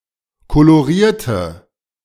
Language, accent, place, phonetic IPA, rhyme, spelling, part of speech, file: German, Germany, Berlin, [koloˈʁiːɐ̯tə], -iːɐ̯tə, kolorierte, adjective / verb, De-kolorierte.ogg
- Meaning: inflection of kolorieren: 1. first/third-person singular preterite 2. first/third-person singular subjunctive II